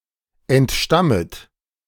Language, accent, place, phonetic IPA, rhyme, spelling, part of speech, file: German, Germany, Berlin, [ɛntˈʃtamət], -amət, entstammet, verb, De-entstammet.ogg
- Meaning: second-person plural subjunctive I of entstammen